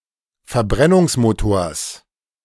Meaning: genitive singular of Verbrennungsmotor
- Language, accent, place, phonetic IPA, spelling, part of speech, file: German, Germany, Berlin, [fɛɐ̯ˈbʁɛnʊŋsˌmoːtoːɐ̯s], Verbrennungsmotors, noun, De-Verbrennungsmotors.ogg